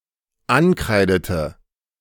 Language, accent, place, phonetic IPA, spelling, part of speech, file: German, Germany, Berlin, [ˈanˌkʁaɪ̯dətə], ankreidete, verb, De-ankreidete.ogg
- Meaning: inflection of ankreiden: 1. first/third-person singular dependent preterite 2. first/third-person singular dependent subjunctive II